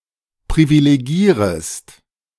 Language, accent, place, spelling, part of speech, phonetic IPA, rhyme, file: German, Germany, Berlin, privilegierest, verb, [pʁivileˈɡiːʁəst], -iːʁəst, De-privilegierest.ogg
- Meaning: second-person singular subjunctive I of privilegieren